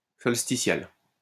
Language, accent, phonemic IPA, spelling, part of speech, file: French, France, /sɔl.sti.sjal/, solsticial, adjective, LL-Q150 (fra)-solsticial.wav
- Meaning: solstitial